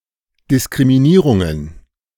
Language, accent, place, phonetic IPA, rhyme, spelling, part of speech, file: German, Germany, Berlin, [dɪskʁimiˈniːʁʊŋən], -iːʁʊŋən, Diskriminierungen, noun, De-Diskriminierungen.ogg
- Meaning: plural of Diskriminierung